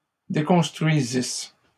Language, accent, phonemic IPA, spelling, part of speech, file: French, Canada, /de.kɔ̃s.tʁɥi.zis/, déconstruisisse, verb, LL-Q150 (fra)-déconstruisisse.wav
- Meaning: first-person singular imperfect subjunctive of déconstruire